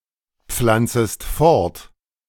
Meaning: second-person singular subjunctive I of fortpflanzen
- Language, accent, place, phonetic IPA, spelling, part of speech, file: German, Germany, Berlin, [ˌp͡flant͡səst ˈfɔʁt], pflanzest fort, verb, De-pflanzest fort.ogg